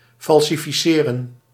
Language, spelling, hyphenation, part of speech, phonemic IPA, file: Dutch, falsificeren, fal‧si‧fi‧ce‧ren, verb, /fɑl.si.fiˈseː.rə(n)/, Nl-falsificeren.ogg
- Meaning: to falsify (to prove to be false)